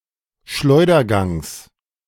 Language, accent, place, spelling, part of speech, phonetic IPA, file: German, Germany, Berlin, Schleudergangs, noun, [ˈʃlɔɪ̯dɐˌɡaŋs], De-Schleudergangs.ogg
- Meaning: genitive singular of Schleudergang